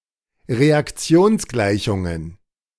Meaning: plural of Reaktionsgleichung
- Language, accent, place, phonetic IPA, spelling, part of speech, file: German, Germany, Berlin, [ʁeakˈt͡si̯oːnsˌɡlaɪ̯çʊŋən], Reaktionsgleichungen, noun, De-Reaktionsgleichungen.ogg